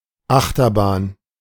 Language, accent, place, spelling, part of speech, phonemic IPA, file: German, Germany, Berlin, Achterbahn, noun, /ˈʔaxtɐˌbaːn/, De-Achterbahn.ogg
- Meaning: rollercoaster